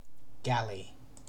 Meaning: A long, slender ship propelled primarily by oars, whether having masts and sails or not; usually a rowed warship used in the Mediterranean from the 16th century until the modern era
- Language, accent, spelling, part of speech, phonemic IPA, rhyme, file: English, UK, galley, noun, /ˈɡæli/, -æli, En-uk-galley.ogg